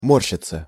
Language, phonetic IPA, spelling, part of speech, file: Russian, [ˈmorɕːɪt͡sə], морщиться, verb, Ru-морщиться.ogg
- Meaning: 1. to wrinkle (to pucker or become uneven or irregular) 2. to knit one's brows 3. to make a wry face, to wince 4. to crease, to wrinkle up (of clothes) 5. passive of мо́рщить (mórščitʹ)